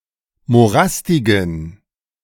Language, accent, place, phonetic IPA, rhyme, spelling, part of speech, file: German, Germany, Berlin, [moˈʁastɪɡn̩], -astɪɡn̩, morastigen, adjective, De-morastigen.ogg
- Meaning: inflection of morastig: 1. strong genitive masculine/neuter singular 2. weak/mixed genitive/dative all-gender singular 3. strong/weak/mixed accusative masculine singular 4. strong dative plural